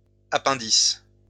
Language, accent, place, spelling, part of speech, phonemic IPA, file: French, France, Lyon, appendices, noun, /a.pɛ̃.dis/, LL-Q150 (fra)-appendices.wav
- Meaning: plural of appendice